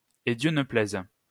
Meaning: God forbid
- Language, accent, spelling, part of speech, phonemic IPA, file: French, France, à Dieu ne plaise, interjection, /a djø nə plɛz/, LL-Q150 (fra)-à Dieu ne plaise.wav